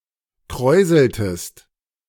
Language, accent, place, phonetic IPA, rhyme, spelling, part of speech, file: German, Germany, Berlin, [ˈkʁɔɪ̯zl̩təst], -ɔɪ̯zl̩təst, kräuseltest, verb, De-kräuseltest.ogg
- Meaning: inflection of kräuseln: 1. second-person singular preterite 2. second-person singular subjunctive II